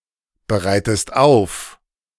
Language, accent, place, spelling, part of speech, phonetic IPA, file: German, Germany, Berlin, bereitest auf, verb, [bəˌʁaɪ̯təst ˈaʊ̯f], De-bereitest auf.ogg
- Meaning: inflection of aufbereiten: 1. second-person singular present 2. second-person singular subjunctive I